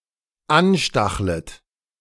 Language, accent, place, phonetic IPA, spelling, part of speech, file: German, Germany, Berlin, [ˈanˌʃtaxlət], anstachlet, verb, De-anstachlet.ogg
- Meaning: second-person plural dependent subjunctive I of anstacheln